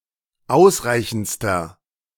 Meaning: inflection of ausreichend: 1. strong/mixed nominative masculine singular superlative degree 2. strong genitive/dative feminine singular superlative degree 3. strong genitive plural superlative degree
- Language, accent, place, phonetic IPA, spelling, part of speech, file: German, Germany, Berlin, [ˈaʊ̯sˌʁaɪ̯çn̩t͡stɐ], ausreichendster, adjective, De-ausreichendster.ogg